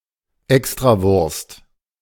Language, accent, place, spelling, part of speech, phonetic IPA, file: German, Germany, Berlin, Extrawurst, noun, [ˈɛkstʁaˌvʊʁst], De-Extrawurst.ogg
- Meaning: 1. a kind of Austrian Brühwurst (parboiled sausage) 2. special treatment